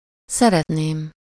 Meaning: first-person singular conditional present definite of szeret
- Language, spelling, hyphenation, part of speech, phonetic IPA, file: Hungarian, szeretném, sze‧ret‧ném, verb, [ˈsɛrɛtneːm], Hu-szeretném.ogg